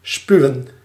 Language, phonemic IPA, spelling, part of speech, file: Dutch, /ˈspyu̯ə(n)/, spuwen, verb, Nl-spuwen.ogg
- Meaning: to spit